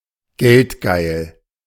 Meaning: extremely greedy, avaricious
- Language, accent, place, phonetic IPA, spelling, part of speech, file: German, Germany, Berlin, [ˈɡɛltˌɡaɪ̯l], geldgeil, adjective, De-geldgeil.ogg